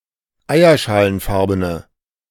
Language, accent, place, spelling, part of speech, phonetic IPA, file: German, Germany, Berlin, eierschalenfarbene, adjective, [ˈaɪ̯ɐʃaːlənˌfaʁbənə], De-eierschalenfarbene.ogg
- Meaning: inflection of eierschalenfarben: 1. strong/mixed nominative/accusative feminine singular 2. strong nominative/accusative plural 3. weak nominative all-gender singular